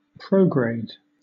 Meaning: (adjective) 1. Moving in a forward direction, especially with respect to other bodies in the same system 2. Being a metamorphic change resulting from a higher pressure or temperature
- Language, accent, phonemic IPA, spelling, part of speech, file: English, Southern England, /ˈpɹəʊɡɹeɪd/, prograde, adjective / verb, LL-Q1860 (eng)-prograde.wav